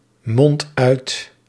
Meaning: inflection of uitmonden: 1. first-person singular present indicative 2. second-person singular present indicative 3. imperative
- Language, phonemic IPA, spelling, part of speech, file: Dutch, /ˈmɔnt ˈœyt/, mond uit, verb, Nl-mond uit.ogg